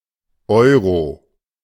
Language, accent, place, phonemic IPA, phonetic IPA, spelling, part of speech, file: German, Germany, Berlin, /ˈɔʏ̯ro/, [ˈʔɔʏ̯ʁo], Euro, noun, De-Euro.ogg
- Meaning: 1. euro (currency) 2. Euro (UEFA European Football Championship)